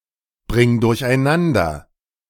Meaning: singular imperative of durcheinanderbringen
- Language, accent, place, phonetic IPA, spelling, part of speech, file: German, Germany, Berlin, [ˌbʁɪŋ dʊʁçʔaɪ̯ˈnandɐ], bring durcheinander, verb, De-bring durcheinander.ogg